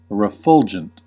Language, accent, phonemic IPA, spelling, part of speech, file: English, US, /ɹəˈfʌld͡ʒənt/, refulgent, adjective, En-us-refulgent.ogg
- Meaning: 1. Resplendent, or shining brightly and radiantly 2. As if giving off light or warmth